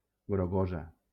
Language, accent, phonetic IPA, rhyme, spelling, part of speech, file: Catalan, Valencia, [ɡɾoˈɣo.za], -oza, grogosa, adjective, LL-Q7026 (cat)-grogosa.wav
- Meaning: feminine singular of grogós